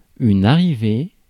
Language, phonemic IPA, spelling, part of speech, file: French, /a.ʁi.ve/, arrivée, noun, Fr-arrivée.ogg
- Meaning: arrival